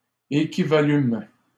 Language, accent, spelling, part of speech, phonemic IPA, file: French, Canada, équivalûmes, verb, /e.ki.va.lym/, LL-Q150 (fra)-équivalûmes.wav
- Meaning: first-person plural past historic of équivaloir